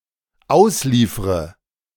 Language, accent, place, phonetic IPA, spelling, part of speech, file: German, Germany, Berlin, [ˈaʊ̯sˌliːfʁə], ausliefre, verb, De-ausliefre.ogg
- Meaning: inflection of ausliefern: 1. first-person singular dependent present 2. first/third-person singular dependent subjunctive I